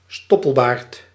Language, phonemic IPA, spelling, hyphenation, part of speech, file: Dutch, /ˈstɔ.pəlˌbaːrt/, stoppelbaard, stop‧pel‧baard, noun, Nl-stoppelbaard.ogg
- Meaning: stubble, stubbly beard